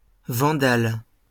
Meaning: 1. vandal 2. Vandal 3. Vandalic (language of the Vandals)
- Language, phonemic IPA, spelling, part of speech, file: French, /vɑ̃.dal/, vandale, noun, LL-Q150 (fra)-vandale.wav